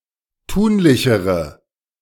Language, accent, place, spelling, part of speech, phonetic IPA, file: German, Germany, Berlin, tunlichere, adjective, [ˈtuːnlɪçəʁə], De-tunlichere.ogg
- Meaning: inflection of tunlich: 1. strong/mixed nominative/accusative feminine singular comparative degree 2. strong nominative/accusative plural comparative degree